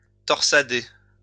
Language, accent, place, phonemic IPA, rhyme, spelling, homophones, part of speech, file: French, France, Lyon, /tɔʁ.sa.de/, -e, torsader, torsadai / torsadé / torsadée / torsadées / torsadés / torsadez, verb, LL-Q150 (fra)-torsader.wav
- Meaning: to twist